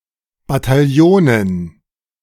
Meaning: dative plural of Bataillon
- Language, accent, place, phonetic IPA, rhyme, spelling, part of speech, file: German, Germany, Berlin, [bataˈjoːnən], -oːnən, Bataillonen, noun, De-Bataillonen.ogg